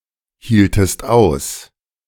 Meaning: inflection of aushalten: 1. second-person singular preterite 2. second-person singular subjunctive II
- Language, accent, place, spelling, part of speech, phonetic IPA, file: German, Germany, Berlin, hieltest aus, verb, [hiːltəst ˈaʊ̯s], De-hieltest aus.ogg